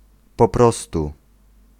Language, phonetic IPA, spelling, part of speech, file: Polish, [pɔ‿ˈprɔstu], po prostu, adverbial phrase, Pl-po prostu.ogg